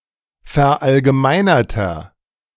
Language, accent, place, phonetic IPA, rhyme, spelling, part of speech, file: German, Germany, Berlin, [fɛɐ̯ʔalɡəˈmaɪ̯nɐtɐ], -aɪ̯nɐtɐ, verallgemeinerter, adjective, De-verallgemeinerter.ogg
- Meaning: inflection of verallgemeinert: 1. strong/mixed nominative masculine singular 2. strong genitive/dative feminine singular 3. strong genitive plural